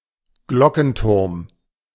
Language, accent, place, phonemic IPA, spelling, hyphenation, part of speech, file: German, Germany, Berlin, /ˈɡlɔkŋ̩tʊʁm/, Glockenturm, Glo‧cken‧turm, noun, De-Glockenturm.ogg
- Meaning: bell tower